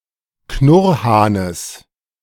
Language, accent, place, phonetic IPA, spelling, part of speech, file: German, Germany, Berlin, [ˈknʊʁhaːnəs], Knurrhahnes, noun, De-Knurrhahnes.ogg
- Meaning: genitive of Knurrhahn